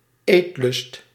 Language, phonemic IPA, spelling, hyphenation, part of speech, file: Dutch, /ˈeːt.lʏst/, eetlust, eet‧lust, noun, Nl-eetlust.ogg
- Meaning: an appetite, lusting to eat